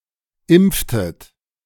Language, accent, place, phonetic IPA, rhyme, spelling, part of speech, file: German, Germany, Berlin, [ˈɪmp͡ftət], -ɪmp͡ftət, impftet, verb, De-impftet.ogg
- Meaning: inflection of impfen: 1. second-person plural preterite 2. second-person plural subjunctive II